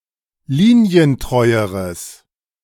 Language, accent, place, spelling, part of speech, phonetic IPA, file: German, Germany, Berlin, linientreueres, adjective, [ˈliːni̯ənˌtʁɔɪ̯əʁəs], De-linientreueres.ogg
- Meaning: strong/mixed nominative/accusative neuter singular comparative degree of linientreu